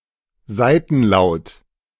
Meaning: lateral
- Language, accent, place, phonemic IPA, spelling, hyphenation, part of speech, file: German, Germany, Berlin, /ˈzaɪ̯tn̩ˌlaʊ̯t/, Seitenlaut, Sei‧ten‧laut, noun, De-Seitenlaut.ogg